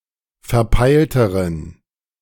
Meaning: inflection of verpeilt: 1. strong genitive masculine/neuter singular comparative degree 2. weak/mixed genitive/dative all-gender singular comparative degree
- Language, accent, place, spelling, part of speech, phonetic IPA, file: German, Germany, Berlin, verpeilteren, adjective, [fɛɐ̯ˈpaɪ̯ltəʁən], De-verpeilteren.ogg